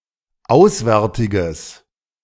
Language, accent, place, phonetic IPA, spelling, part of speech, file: German, Germany, Berlin, [ˈaʊ̯sˌvɛʁtɪɡəs], auswärtiges, adjective, De-auswärtiges.ogg
- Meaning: strong/mixed nominative/accusative neuter singular of auswärtig